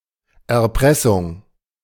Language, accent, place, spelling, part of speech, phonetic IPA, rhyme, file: German, Germany, Berlin, Erpressung, noun, [ɛɐ̯ˈpʁɛsʊŋ], -ɛsʊŋ, De-Erpressung.ogg
- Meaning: blackmail; coercion (the act, sometimes punishable, of forcing someone to some behaviour by means of a threat)